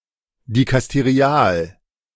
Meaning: dicasterial
- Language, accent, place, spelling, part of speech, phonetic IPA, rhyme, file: German, Germany, Berlin, dikasterial, adjective, [dikasteˈʁi̯aːl], -aːl, De-dikasterial.ogg